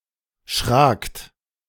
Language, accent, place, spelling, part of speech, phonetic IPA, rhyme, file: German, Germany, Berlin, schrakt, verb, [ʃʁaːkt], -aːkt, De-schrakt.ogg
- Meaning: second-person plural preterite of schrecken